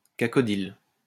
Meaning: cacodyl
- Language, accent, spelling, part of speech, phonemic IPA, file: French, France, cacodyle, noun, /ka.kɔ.dil/, LL-Q150 (fra)-cacodyle.wav